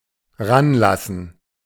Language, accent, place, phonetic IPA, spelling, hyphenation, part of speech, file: German, Germany, Berlin, [ˈʁanˌlasn̩], ranlassen, ran‧las‧sen, verb, De-ranlassen.ogg
- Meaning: clipping of heranlassen: 1. to let someone or something approach/get near something or someone 2. to let something affect adversely